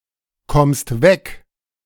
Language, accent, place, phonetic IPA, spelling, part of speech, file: German, Germany, Berlin, [ˌkɔmst ˈvɛk], kommst weg, verb, De-kommst weg.ogg
- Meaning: second-person singular present of wegkommen